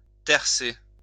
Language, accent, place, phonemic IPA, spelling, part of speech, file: French, France, Lyon, /tɛʁ.se/, tercer, verb, LL-Q150 (fra)-tercer.wav
- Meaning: to plough a third time